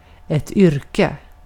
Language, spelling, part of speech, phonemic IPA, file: Swedish, yrke, noun, /ˈʏrːˌkɛ/, Sv-yrke.ogg
- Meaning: profession, occupation